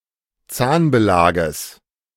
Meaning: genitive singular of Zahnbelag
- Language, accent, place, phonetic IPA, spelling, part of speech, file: German, Germany, Berlin, [ˈt͡saːnbəˌlaːɡəs], Zahnbelages, noun, De-Zahnbelages.ogg